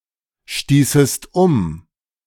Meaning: second-person singular subjunctive II of umstoßen
- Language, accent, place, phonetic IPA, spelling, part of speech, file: German, Germany, Berlin, [ˌʃtiːsəst ˈʊm], stießest um, verb, De-stießest um.ogg